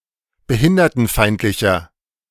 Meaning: 1. comparative degree of behindertenfeindlich 2. inflection of behindertenfeindlich: strong/mixed nominative masculine singular
- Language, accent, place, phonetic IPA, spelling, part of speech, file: German, Germany, Berlin, [bəˈhɪndɐtn̩ˌfaɪ̯ntlɪçɐ], behindertenfeindlicher, adjective, De-behindertenfeindlicher.ogg